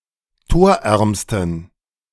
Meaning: superlative degree of torarm
- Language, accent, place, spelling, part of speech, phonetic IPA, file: German, Germany, Berlin, torärmsten, adjective, [ˈtoːɐ̯ˌʔɛʁmstn̩], De-torärmsten.ogg